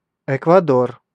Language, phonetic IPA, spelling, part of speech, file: Russian, [ɪkvɐˈdor], Эквадор, proper noun, Ru-Эквадор.ogg
- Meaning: Ecuador (a country in South America)